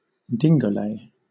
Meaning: To perform a kind of lively dance with hand movements
- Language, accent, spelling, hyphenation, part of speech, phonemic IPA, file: English, Southern England, dingolay, din‧go‧lay, verb, /ˈdɪŋɡəʊleɪ/, LL-Q1860 (eng)-dingolay.wav